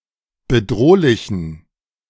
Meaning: inflection of bedrohlich: 1. strong genitive masculine/neuter singular 2. weak/mixed genitive/dative all-gender singular 3. strong/weak/mixed accusative masculine singular 4. strong dative plural
- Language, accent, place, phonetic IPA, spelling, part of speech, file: German, Germany, Berlin, [bəˈdʁoːlɪçn̩], bedrohlichen, adjective, De-bedrohlichen.ogg